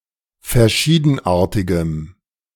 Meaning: strong dative masculine/neuter singular of verschiedenartig
- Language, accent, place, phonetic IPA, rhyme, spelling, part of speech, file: German, Germany, Berlin, [fɛɐ̯ˈʃiːdn̩ˌʔaːɐ̯tɪɡəm], -iːdn̩ʔaːɐ̯tɪɡəm, verschiedenartigem, adjective, De-verschiedenartigem.ogg